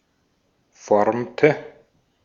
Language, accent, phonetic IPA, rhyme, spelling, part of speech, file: German, Austria, [ˈfɔʁmtə], -ɔʁmtə, formte, verb, De-at-formte.ogg
- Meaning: inflection of formen: 1. first/third-person singular preterite 2. first/third-person singular subjunctive II